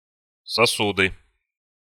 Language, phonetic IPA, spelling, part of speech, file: Russian, [sɐˈsudɨ], сосуды, noun, Ru-сосуды.ogg
- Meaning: nominative/accusative plural of сосу́д (sosúd)